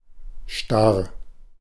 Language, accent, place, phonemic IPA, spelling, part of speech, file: German, Germany, Berlin, /ʃtar/, starr, adjective / verb, De-starr.ogg
- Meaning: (adjective) rigid; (verb) singular imperative of starren